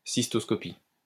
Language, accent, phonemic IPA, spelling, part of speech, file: French, France, /sis.tɔs.kɔ.pi/, cystoscopie, noun, LL-Q150 (fra)-cystoscopie.wav
- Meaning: cystoscopy